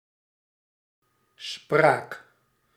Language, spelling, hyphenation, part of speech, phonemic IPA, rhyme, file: Dutch, spraak, spraak, noun, /spraːk/, -aːk, Nl-spraak.ogg
- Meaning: 1. speech (act, manner or faculty of speaking) 2. language